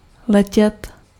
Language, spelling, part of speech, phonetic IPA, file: Czech, letět, verb, [ˈlɛcɛt], Cs-letět.ogg
- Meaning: 1. to fly 2. to be in fashion